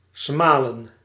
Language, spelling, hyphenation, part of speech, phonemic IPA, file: Dutch, smalen, sma‧len, verb, /ˈsmaː.lə(n)/, Nl-smalen.ogg
- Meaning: to scorn (to display contempt)